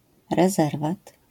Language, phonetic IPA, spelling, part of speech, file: Polish, [rɛˈzɛrvat], rezerwat, noun, LL-Q809 (pol)-rezerwat.wav